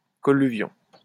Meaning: colluvium (a loose accumulation of rock and soil debris at the foot of a slope)
- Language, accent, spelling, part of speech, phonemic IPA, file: French, France, colluvion, noun, /kɔ.ly.vjɔ̃/, LL-Q150 (fra)-colluvion.wav